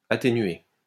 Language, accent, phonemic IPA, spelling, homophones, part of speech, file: French, France, /a.te.nɥe/, atténuer, atténuai / atténué / atténuée / atténuées / atténués / atténuez, verb, LL-Q150 (fra)-atténuer.wav
- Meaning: to attenuate; to mitigate